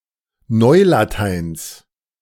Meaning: genitive singular of Neulatein
- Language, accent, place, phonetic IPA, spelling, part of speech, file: German, Germany, Berlin, [ˈnɔɪ̯laˌtaɪ̯ns], Neulateins, noun, De-Neulateins.ogg